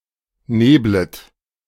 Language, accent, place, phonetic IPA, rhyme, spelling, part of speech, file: German, Germany, Berlin, [ˈneːblət], -eːblət, neblet, verb, De-neblet.ogg
- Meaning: second-person plural subjunctive I of nebeln